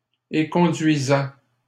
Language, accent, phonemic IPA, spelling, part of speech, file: French, Canada, /e.kɔ̃.dɥi.zɛ/, éconduisais, verb, LL-Q150 (fra)-éconduisais.wav
- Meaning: first/second-person singular imperfect indicative of éconduire